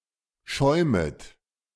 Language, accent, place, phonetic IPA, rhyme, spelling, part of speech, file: German, Germany, Berlin, [ˈʃɔɪ̯mət], -ɔɪ̯mət, schäumet, verb, De-schäumet.ogg
- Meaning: second-person plural subjunctive I of schäumen